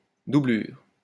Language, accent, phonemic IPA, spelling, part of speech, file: French, France, /du.blyʁ/, doublure, noun, LL-Q150 (fra)-doublure.wav
- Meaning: 1. lining 2. understudy 3. body double, stand-in; stuntman